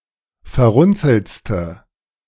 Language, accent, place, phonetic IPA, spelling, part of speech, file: German, Germany, Berlin, [fɛɐ̯ˈʁʊnt͡sl̩t͡stə], verrunzeltste, adjective, De-verrunzeltste.ogg
- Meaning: inflection of verrunzelt: 1. strong/mixed nominative/accusative feminine singular superlative degree 2. strong nominative/accusative plural superlative degree